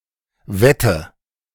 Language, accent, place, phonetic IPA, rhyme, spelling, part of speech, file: German, Germany, Berlin, [ˈvɛtə], -ɛtə, wette, verb, De-wette.ogg
- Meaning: inflection of wetten: 1. first-person singular present 2. first/third-person singular subjunctive I 3. singular imperative